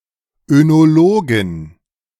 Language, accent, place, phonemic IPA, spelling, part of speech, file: German, Germany, Berlin, /ønoˈloːɡn̩/, Önologen, noun, De-Önologen.ogg
- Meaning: 1. plural of Önologe 2. genitive singular of Önologe 3. dative singular of Önologe 4. accusative singular of Önologe